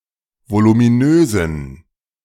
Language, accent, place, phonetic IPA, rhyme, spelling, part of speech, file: German, Germany, Berlin, [volumiˈnøːzn̩], -øːzn̩, voluminösen, adjective, De-voluminösen.ogg
- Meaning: inflection of voluminös: 1. strong genitive masculine/neuter singular 2. weak/mixed genitive/dative all-gender singular 3. strong/weak/mixed accusative masculine singular 4. strong dative plural